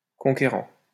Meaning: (verb) present participle of conquérir; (adjective) conquering; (noun) conqueror
- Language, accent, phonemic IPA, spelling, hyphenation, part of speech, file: French, France, /kɔ̃.ke.ʁɑ̃/, conquérant, con‧qué‧rant, verb / adjective / noun, LL-Q150 (fra)-conquérant.wav